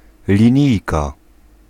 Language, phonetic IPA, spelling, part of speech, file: Polish, [lʲĩˈɲijka], linijka, noun, Pl-linijka.ogg